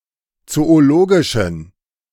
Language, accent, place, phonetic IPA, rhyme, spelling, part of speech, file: German, Germany, Berlin, [ˌt͡sooˈloːɡɪʃn̩], -oːɡɪʃn̩, zoologischen, adjective, De-zoologischen.ogg
- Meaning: inflection of zoologisch: 1. strong genitive masculine/neuter singular 2. weak/mixed genitive/dative all-gender singular 3. strong/weak/mixed accusative masculine singular 4. strong dative plural